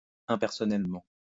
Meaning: impersonally
- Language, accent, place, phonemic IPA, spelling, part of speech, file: French, France, Lyon, /ɛ̃.pɛʁ.sɔ.nɛl.mɑ̃/, impersonnellement, adverb, LL-Q150 (fra)-impersonnellement.wav